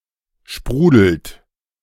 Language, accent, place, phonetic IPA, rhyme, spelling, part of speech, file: German, Germany, Berlin, [ˈʃpʁuːdl̩t], -uːdl̩t, sprudelt, verb, De-sprudelt.ogg
- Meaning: inflection of sprudeln: 1. second-person plural present 2. third-person singular present 3. plural imperative